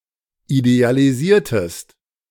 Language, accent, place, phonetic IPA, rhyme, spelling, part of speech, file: German, Germany, Berlin, [idealiˈziːɐ̯təst], -iːɐ̯təst, idealisiertest, verb, De-idealisiertest.ogg
- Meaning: inflection of idealisieren: 1. second-person singular preterite 2. second-person singular subjunctive II